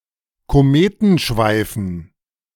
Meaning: dative plural of Kometenschweif
- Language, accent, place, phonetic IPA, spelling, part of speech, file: German, Germany, Berlin, [koˈmeːtn̩ˌʃvaɪ̯fn̩], Kometenschweifen, noun, De-Kometenschweifen.ogg